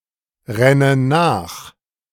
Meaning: inflection of nachrennen: 1. first-person singular present 2. first/third-person singular subjunctive I 3. singular imperative
- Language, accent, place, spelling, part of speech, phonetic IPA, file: German, Germany, Berlin, renne nach, verb, [ˌʁɛnə ˈnaːx], De-renne nach.ogg